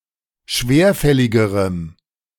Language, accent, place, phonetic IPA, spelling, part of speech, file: German, Germany, Berlin, [ˈʃveːɐ̯ˌfɛlɪɡəʁəm], schwerfälligerem, adjective, De-schwerfälligerem.ogg
- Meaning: strong dative masculine/neuter singular comparative degree of schwerfällig